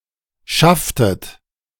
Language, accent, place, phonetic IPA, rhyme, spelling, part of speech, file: German, Germany, Berlin, [ˈʃaftət], -aftət, schafftet, verb, De-schafftet.ogg
- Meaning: inflection of schaffen: 1. second-person plural preterite 2. second-person plural subjunctive II